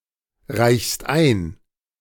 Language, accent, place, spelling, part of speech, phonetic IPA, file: German, Germany, Berlin, reichst ein, verb, [ˌʁaɪ̯çst ˈaɪ̯n], De-reichst ein.ogg
- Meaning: second-person singular present of einreichen